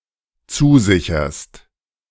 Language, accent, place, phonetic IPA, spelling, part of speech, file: German, Germany, Berlin, [ˈt͡suːˌzɪçɐst], zusicherst, verb, De-zusicherst.ogg
- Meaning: second-person singular dependent present of zusichern